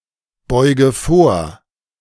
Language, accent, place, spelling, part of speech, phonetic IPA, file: German, Germany, Berlin, beuge vor, verb, [ˌbɔɪ̯ɡə ˈfoːɐ̯], De-beuge vor.ogg
- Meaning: inflection of vorbeugen: 1. first-person singular present 2. first/third-person singular subjunctive I 3. singular imperative